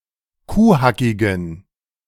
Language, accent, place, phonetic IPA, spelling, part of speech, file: German, Germany, Berlin, [ˈkuːˌhakɪɡn̩], kuhhackigen, adjective, De-kuhhackigen.ogg
- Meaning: inflection of kuhhackig: 1. strong genitive masculine/neuter singular 2. weak/mixed genitive/dative all-gender singular 3. strong/weak/mixed accusative masculine singular 4. strong dative plural